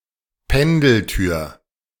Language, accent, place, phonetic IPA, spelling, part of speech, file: German, Germany, Berlin, [ˈpɛndl̩ˌtyːɐ̯], Pendeltür, noun, De-Pendeltür.ogg
- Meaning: swing door